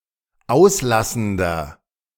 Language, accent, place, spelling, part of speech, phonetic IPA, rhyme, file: German, Germany, Berlin, auslassender, adjective, [ˈaʊ̯sˌlasn̩dɐ], -aʊ̯slasn̩dɐ, De-auslassender.ogg
- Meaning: inflection of auslassend: 1. strong/mixed nominative masculine singular 2. strong genitive/dative feminine singular 3. strong genitive plural